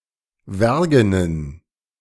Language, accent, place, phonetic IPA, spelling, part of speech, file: German, Germany, Berlin, [ˈvɛʁɡənən], wergenen, adjective, De-wergenen.ogg
- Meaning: inflection of wergen: 1. strong genitive masculine/neuter singular 2. weak/mixed genitive/dative all-gender singular 3. strong/weak/mixed accusative masculine singular 4. strong dative plural